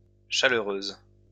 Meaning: feminine singular of chaleureux
- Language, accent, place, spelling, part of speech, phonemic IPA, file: French, France, Lyon, chaleureuse, adjective, /ʃa.lœ.ʁøz/, LL-Q150 (fra)-chaleureuse.wav